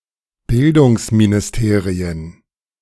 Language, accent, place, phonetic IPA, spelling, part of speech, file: German, Germany, Berlin, [ˈbɪldʊŋsminɪsˌteːʁiən], Bildungsministerien, noun, De-Bildungsministerien.ogg
- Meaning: plural of Bildungsministerium